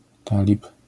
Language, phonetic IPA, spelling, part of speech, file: Polish, [ˈtalʲip], talib, noun, LL-Q809 (pol)-talib.wav